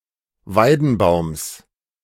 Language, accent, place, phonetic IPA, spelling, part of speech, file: German, Germany, Berlin, [ˈvaɪ̯dn̩ˌbaʊ̯ms], Weidenbaums, noun, De-Weidenbaums.ogg
- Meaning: genitive singular of Weidenbaum